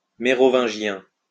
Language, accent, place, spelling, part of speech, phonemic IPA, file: French, France, Lyon, mérovingien, adjective, /me.ʁɔ.vɛ̃.ʒjɛ̃/, LL-Q150 (fra)-mérovingien.wav
- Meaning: Merovingian